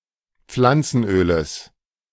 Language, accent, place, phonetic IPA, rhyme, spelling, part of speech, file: German, Germany, Berlin, [ˈp͡flant͡sn̩ˌʔøːləs], -ant͡sn̩ʔøːləs, Pflanzenöles, noun, De-Pflanzenöles.ogg
- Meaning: genitive of Pflanzenöl